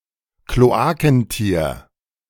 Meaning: monotreme
- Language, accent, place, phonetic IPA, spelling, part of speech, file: German, Germany, Berlin, [kloˈaːkn̩ˌtiːɐ̯], Kloakentier, noun, De-Kloakentier.ogg